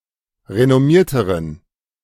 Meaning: inflection of renommiert: 1. strong genitive masculine/neuter singular comparative degree 2. weak/mixed genitive/dative all-gender singular comparative degree
- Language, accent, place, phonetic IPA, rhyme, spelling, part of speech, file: German, Germany, Berlin, [ʁenɔˈmiːɐ̯təʁən], -iːɐ̯təʁən, renommierteren, adjective, De-renommierteren.ogg